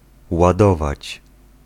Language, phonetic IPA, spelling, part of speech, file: Polish, [waˈdɔvat͡ɕ], ładować, verb, Pl-ładować.ogg